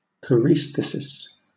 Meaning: Paresthesia
- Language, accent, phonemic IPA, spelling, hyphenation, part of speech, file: English, Southern England, /pəˈɹiːsθɪsɪs/, paresthesis, pa‧res‧the‧sis, noun, LL-Q1860 (eng)-paresthesis.wav